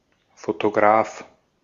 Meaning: photographer
- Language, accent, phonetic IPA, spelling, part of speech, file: German, Austria, [fotoˈɡʀaːf], Fotograf, noun, De-at-Fotograf.ogg